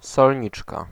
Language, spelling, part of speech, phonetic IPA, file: Polish, solniczka, noun, [sɔlʲˈɲit͡ʃka], Pl-solniczka.ogg